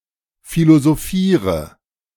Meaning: inflection of philosophieren: 1. first-person singular present 2. first/third-person singular subjunctive I 3. singular imperative
- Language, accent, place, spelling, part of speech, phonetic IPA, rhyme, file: German, Germany, Berlin, philosophiere, verb, [ˌfilozoˈfiːʁə], -iːʁə, De-philosophiere.ogg